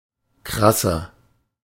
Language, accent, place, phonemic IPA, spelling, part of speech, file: German, Germany, Berlin, /ˈkʁasɐ/, krasser, adjective, De-krasser.ogg
- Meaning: 1. comparative degree of krass 2. inflection of krass: strong/mixed nominative masculine singular 3. inflection of krass: strong genitive/dative feminine singular